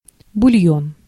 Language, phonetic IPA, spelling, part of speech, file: Russian, [bʊˈlʲjɵn], бульон, noun, Ru-бульон.ogg
- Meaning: 1. broth, bouillon (water in which food (meat or vegetable etc) has been boiled) 2. clear soup